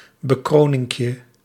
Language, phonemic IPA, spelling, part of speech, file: Dutch, /bəˈkronɪŋkjə/, bekroninkje, noun, Nl-bekroninkje.ogg
- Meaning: diminutive of bekroning